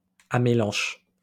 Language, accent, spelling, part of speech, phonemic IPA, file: French, France, amélanche, noun, /a.me.lɑ̃ʃ/, LL-Q150 (fra)-amélanche.wav
- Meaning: fruit of any tree that is described under amélanchier (serviceberry)